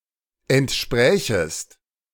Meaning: second-person singular subjunctive I of entsprechen
- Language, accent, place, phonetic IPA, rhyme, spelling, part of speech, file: German, Germany, Berlin, [ɛntˈʃpʁɛːçəst], -ɛːçəst, entsprächest, verb, De-entsprächest.ogg